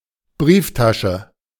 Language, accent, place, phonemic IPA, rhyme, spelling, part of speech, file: German, Germany, Berlin, /ˈbʁiːfˌtaʃə/, -aʃə, Brieftasche, noun, De-Brieftasche.ogg
- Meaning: wallet, purse